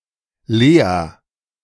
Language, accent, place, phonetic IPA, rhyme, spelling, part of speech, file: German, Germany, Berlin, [ˈleːa], -eːa, Lea, proper noun, De-Lea.ogg
- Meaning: 1. Leah (biblical character) 2. a female given name of currently popular usage